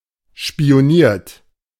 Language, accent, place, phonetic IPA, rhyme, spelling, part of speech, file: German, Germany, Berlin, [ʃpi̯oˈniːɐ̯t], -iːɐ̯t, spioniert, verb, De-spioniert.ogg
- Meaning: 1. past participle of spionieren 2. inflection of spionieren: third-person singular present 3. inflection of spionieren: second-person plural present 4. inflection of spionieren: plural imperative